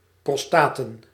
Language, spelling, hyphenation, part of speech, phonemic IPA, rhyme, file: Dutch, prostaten, pros‧ta‧ten, noun, /prɔsˈtaːtən/, -aːtən, Nl-prostaten.ogg
- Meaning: plural of prostaat